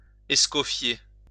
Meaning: to kill
- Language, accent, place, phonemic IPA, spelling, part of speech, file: French, France, Lyon, /ɛs.kɔ.fje/, escoffier, verb, LL-Q150 (fra)-escoffier.wav